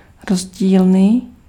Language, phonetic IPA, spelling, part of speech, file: Czech, [ˈrozɟiːlniː], rozdílný, adjective, Cs-rozdílný.ogg
- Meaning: different